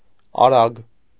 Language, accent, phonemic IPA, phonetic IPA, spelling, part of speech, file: Armenian, Eastern Armenian, /ɑˈɾɑɡ/, [ɑɾɑ́ɡ], արագ, adjective / adverb, Hy-արագ.ogg
- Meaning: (adjective) fast; quick; swift; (adverb) fast, quickly, rapidly